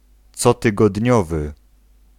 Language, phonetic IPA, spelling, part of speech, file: Polish, [ˌt͡sɔtɨɡɔdʲˈɲɔvɨ], cotygodniowy, adjective, Pl-cotygodniowy.ogg